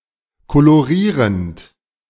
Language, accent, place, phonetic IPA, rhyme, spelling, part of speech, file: German, Germany, Berlin, [koloˈʁiːʁənt], -iːʁənt, kolorierend, verb, De-kolorierend.ogg
- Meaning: present participle of kolorieren